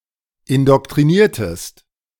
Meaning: inflection of indoktrinieren: 1. second-person singular preterite 2. second-person singular subjunctive II
- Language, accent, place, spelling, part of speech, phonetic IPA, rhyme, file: German, Germany, Berlin, indoktriniertest, verb, [ɪndɔktʁiˈniːɐ̯təst], -iːɐ̯təst, De-indoktriniertest.ogg